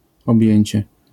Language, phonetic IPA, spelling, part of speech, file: Polish, [ɔbʲˈjɛ̇̃ɲt͡ɕɛ], objęcie, noun, LL-Q809 (pol)-objęcie.wav